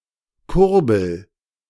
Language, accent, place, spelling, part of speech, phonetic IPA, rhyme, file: German, Germany, Berlin, Kurbel, noun, [ˈkʊʁbl̩], -ʊʁbl̩, De-Kurbel.ogg
- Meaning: crank